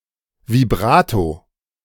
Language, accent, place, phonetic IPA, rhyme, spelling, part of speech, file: German, Germany, Berlin, [viˈbʁaːto], -aːto, Vibrato, noun, De-Vibrato.ogg
- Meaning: vibrato